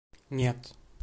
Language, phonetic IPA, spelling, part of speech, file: Russian, [nʲet], нет, interjection / adverb / particle, Ru-ru-нет.ogg
- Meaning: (interjection) no; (adverb) not